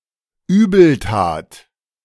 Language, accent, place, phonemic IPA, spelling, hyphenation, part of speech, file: German, Germany, Berlin, /ˈyːbl̩ˌtaːt/, Übeltat, Übel‧tat, noun, De-Übeltat.ogg
- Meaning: evil deed